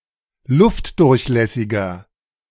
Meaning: 1. comparative degree of luftdurchlässig 2. inflection of luftdurchlässig: strong/mixed nominative masculine singular 3. inflection of luftdurchlässig: strong genitive/dative feminine singular
- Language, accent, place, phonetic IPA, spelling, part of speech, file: German, Germany, Berlin, [ˈlʊftdʊʁçˌlɛsɪɡɐ], luftdurchlässiger, adjective, De-luftdurchlässiger.ogg